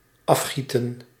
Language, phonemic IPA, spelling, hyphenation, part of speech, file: Dutch, /ˈɑfˌxi.tə(n)/, afgieten, af‧gie‧ten, verb, Nl-afgieten.ogg
- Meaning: 1. to strain, to pour off, to pour out 2. to cast, to form by pouring